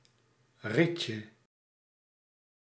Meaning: 1. diminutive of riet 2. cane, hickory, or other stick used for corporal punishment 3. drinking straw
- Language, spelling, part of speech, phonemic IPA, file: Dutch, rietje, noun, /ˈricə/, Nl-rietje.ogg